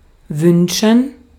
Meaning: 1. to wish for; to make a wish for; to want; to desire 2. to wish 3. to demand, to order 4. to tolerate, to brook
- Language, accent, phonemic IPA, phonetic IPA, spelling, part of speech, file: German, Austria, /ˈvʏnʃən/, [ˈvʏnʃn̩], wünschen, verb, De-at-wünschen.ogg